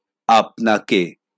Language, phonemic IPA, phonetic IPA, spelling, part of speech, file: Bengali, /apnake/, [ˈapnakeˑ], আপনাকে, pronoun, LL-Q9610 (ben)-আপনাকে.wav
- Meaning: objective of আপনি (apni)